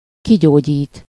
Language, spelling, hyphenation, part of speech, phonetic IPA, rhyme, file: Hungarian, kigyógyít, ki‧gyó‧gyít, verb, [ˈkiɟoːɟiːt], -iːt, Hu-kigyógyít.ogg
- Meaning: to cure someone (of something -ból/-ből) (to nurse someone back to health)